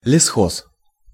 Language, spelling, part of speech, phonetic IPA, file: Russian, лесхоз, noun, [lʲɪˈsxos], Ru-лесхоз.ogg
- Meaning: 1. forestry 2. forestry farm